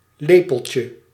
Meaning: diminutive of lepel
- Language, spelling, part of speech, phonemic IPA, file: Dutch, lepeltje, noun, /ˈlepəlcə/, Nl-lepeltje.ogg